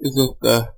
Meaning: to exhort, encourage or persuade
- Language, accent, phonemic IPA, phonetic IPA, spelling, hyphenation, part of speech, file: Portuguese, Brazil, /e.zoʁˈta(ʁ)/, [e.zohˈta(h)], exortar, e‧xor‧tar, verb, Pt-br-exortar.ogg